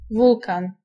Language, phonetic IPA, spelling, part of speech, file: Polish, [ˈvulkãn], wulkan, noun, Pl-wulkan.ogg